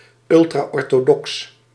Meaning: ultraorthodox (chiefly in reference to Judaism or Protestantism)
- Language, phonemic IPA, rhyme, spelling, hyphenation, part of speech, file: Dutch, /ˌʏl.traː.ɔr.toːˈdɔks/, -ɔks, ultraorthodox, ul‧tra‧or‧tho‧dox, adjective, Nl-ultraorthodox.ogg